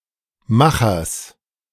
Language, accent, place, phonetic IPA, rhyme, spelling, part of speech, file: German, Germany, Berlin, [ˈmaxɐs], -axɐs, Machers, noun, De-Machers.ogg
- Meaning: genitive singular of Macher